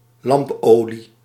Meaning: lamp oil
- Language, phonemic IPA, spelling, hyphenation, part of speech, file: Dutch, /ˈlɑmpˌoː.li/, lampolie, lamp‧olie, noun, Nl-lampolie.ogg